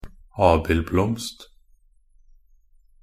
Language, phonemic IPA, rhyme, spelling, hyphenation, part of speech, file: Norwegian Bokmål, /ˈɑːbɪlblɔmst/, -ɔmst, abildblomst, ab‧ild‧blomst, noun, Nb-abildblomst.ogg
- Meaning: an apple blossom (the flower of an apple tree that will eventually turn into an apple)